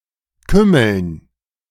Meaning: dative plural of Kümmel
- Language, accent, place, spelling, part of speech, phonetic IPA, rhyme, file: German, Germany, Berlin, Kümmeln, noun, [ˈkʏml̩n], -ʏml̩n, De-Kümmeln.ogg